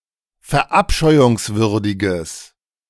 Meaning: strong/mixed nominative/accusative neuter singular of verabscheuungswürdig
- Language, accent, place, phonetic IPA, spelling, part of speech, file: German, Germany, Berlin, [fɛɐ̯ˈʔapʃɔɪ̯ʊŋsvʏʁdɪɡəs], verabscheuungswürdiges, adjective, De-verabscheuungswürdiges.ogg